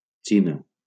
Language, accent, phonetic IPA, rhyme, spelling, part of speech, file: Catalan, Valencia, [ˈt͡ʃi.na], -ina, Xina, proper noun, LL-Q7026 (cat)-Xina.wav
- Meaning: China (a large country in East Asia, occupying the region around the Yellow, Yangtze, and Pearl Rivers; the People's Republic of China, since 1949)